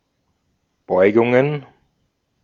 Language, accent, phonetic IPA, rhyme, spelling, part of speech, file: German, Austria, [ˈbɔɪ̯ɡʊŋən], -ɔɪ̯ɡʊŋən, Beugungen, noun, De-at-Beugungen.ogg
- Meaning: plural of Beugung